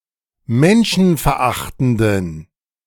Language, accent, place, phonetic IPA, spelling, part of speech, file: German, Germany, Berlin, [ˈmɛnʃn̩fɛɐ̯ˌʔaxtn̩dən], menschenverachtenden, adjective, De-menschenverachtenden.ogg
- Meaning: inflection of menschenverachtend: 1. strong genitive masculine/neuter singular 2. weak/mixed genitive/dative all-gender singular 3. strong/weak/mixed accusative masculine singular